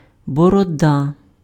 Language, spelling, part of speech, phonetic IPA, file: Ukrainian, борода, noun, [bɔrɔˈda], Uk-борода.ogg
- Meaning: 1. beard 2. chin